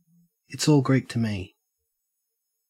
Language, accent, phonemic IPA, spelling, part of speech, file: English, Australia, /ɪts ˌɔːl ˈɡɹiːk tə ˌmiː/, it's all Greek to me, phrase, En-au-it's all Greek to me.ogg
- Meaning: I don't understand any of it; it makes no sense